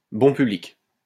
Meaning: easily entertained, easy to please
- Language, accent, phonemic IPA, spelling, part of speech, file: French, France, /bɔ̃ py.blik/, bon public, adjective, LL-Q150 (fra)-bon public.wav